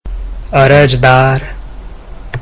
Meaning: applicant
- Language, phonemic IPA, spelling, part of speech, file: Gujarati, /ˈə.ɾəd͡ʒ.d̪ɑɾ/, અરજદાર, noun, Gu-અરજદાર.ogg